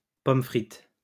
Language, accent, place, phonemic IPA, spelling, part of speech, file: French, France, Lyon, /pɔm fʁit/, pommes frites, noun, LL-Q150 (fra)-pommes frites.wav
- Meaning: 1. French fries; chips 2. fried apples